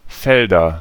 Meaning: nominative/accusative/genitive plural of Feld (“field”)
- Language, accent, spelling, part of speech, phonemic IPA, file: German, Germany, Felder, noun, /ˈfɛldɐ/, De-Felder.ogg